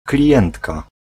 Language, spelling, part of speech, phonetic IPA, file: Polish, klientka, noun, [klʲiˈʲɛ̃ntka], Pl-klientka.ogg